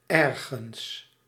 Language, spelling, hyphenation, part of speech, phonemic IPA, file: Dutch, ergens, er‧gens, adverb, /ˈɛrɣəns/, Nl-ergens.ogg
- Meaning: 1. somewhere, anywhere 2. somehow, in some unspecified way 3. pronominal adverb form of iets; something